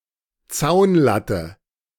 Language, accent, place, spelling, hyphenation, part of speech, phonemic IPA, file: German, Germany, Berlin, Zaunlatte, Zaun‧lat‧te, noun, /ˈt͡saʊ̯nˌlatə/, De-Zaunlatte.ogg
- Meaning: picket